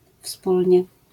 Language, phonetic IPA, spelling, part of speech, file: Polish, [ˈfspulʲɲɛ], wspólnie, adverb, LL-Q809 (pol)-wspólnie.wav